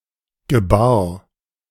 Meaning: first/third-person singular preterite of gebären
- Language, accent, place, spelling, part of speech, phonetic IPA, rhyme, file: German, Germany, Berlin, gebar, verb, [ɡəˈbaːɐ̯], -aːɐ̯, De-gebar.ogg